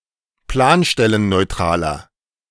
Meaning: inflection of planstellenneutral: 1. strong/mixed nominative masculine singular 2. strong genitive/dative feminine singular 3. strong genitive plural
- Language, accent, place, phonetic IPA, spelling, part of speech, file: German, Germany, Berlin, [ˈplaːnʃtɛlənnɔɪ̯ˌtʁaːlɐ], planstellenneutraler, adjective, De-planstellenneutraler.ogg